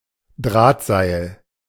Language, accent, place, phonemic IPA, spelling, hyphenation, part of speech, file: German, Germany, Berlin, /ˈdʁaːtˌzaɪ̯l/, Drahtseil, Draht‧seil, noun, De-Drahtseil.ogg
- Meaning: 1. cable, wire rope 2. tightrope